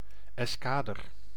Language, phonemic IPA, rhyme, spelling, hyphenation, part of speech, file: Dutch, /ˌɛsˈkaː.dər/, -aːdər, eskader, es‧ka‧der, noun, Nl-eskader.ogg
- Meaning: squadron